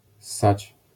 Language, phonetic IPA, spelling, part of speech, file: Polish, [sːat͡ɕ], ssać, verb, LL-Q809 (pol)-ssać.wav